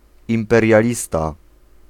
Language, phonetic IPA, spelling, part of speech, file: Polish, [ˌĩmpɛrʲjaˈlʲista], imperialista, noun, Pl-imperialista.ogg